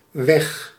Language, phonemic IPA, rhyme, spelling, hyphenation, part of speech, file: Dutch, /ʋɛx/, -ɛx, weg, weg, noun / adverb, Nl-weg.ogg
- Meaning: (noun) 1. way, road 2. manner, way (figuratively); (adverb) 1. away 2. gone, disappeared 3. hammered